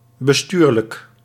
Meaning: managerial, administrative
- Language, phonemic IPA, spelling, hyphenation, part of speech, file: Dutch, /bəˈstyːr.lək/, bestuurlijk, be‧stuur‧lijk, adjective, Nl-bestuurlijk.ogg